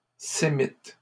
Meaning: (adjective) Semitic; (noun) Semite
- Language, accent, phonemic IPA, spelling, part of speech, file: French, Canada, /se.mit/, sémite, adjective / noun, LL-Q150 (fra)-sémite.wav